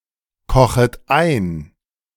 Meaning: second-person plural subjunctive I of einkochen
- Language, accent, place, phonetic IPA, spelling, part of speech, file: German, Germany, Berlin, [ˌkɔxət ˈaɪ̯n], kochet ein, verb, De-kochet ein.ogg